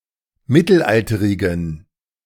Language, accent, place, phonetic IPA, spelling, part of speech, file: German, Germany, Berlin, [ˈmɪtl̩ˌʔaltəʁɪɡn̩], mittelalterigen, adjective, De-mittelalterigen.ogg
- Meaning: inflection of mittelalterig: 1. strong genitive masculine/neuter singular 2. weak/mixed genitive/dative all-gender singular 3. strong/weak/mixed accusative masculine singular 4. strong dative plural